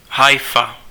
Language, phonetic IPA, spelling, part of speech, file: Czech, [ˈɦajfa], Haifa, proper noun, Cs-Haifa.ogg
- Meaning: Haifa (a city in Israel)